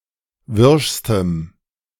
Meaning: strong dative masculine/neuter singular superlative degree of wirsch
- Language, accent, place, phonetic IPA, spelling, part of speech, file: German, Germany, Berlin, [ˈvɪʁʃstəm], wirschstem, adjective, De-wirschstem.ogg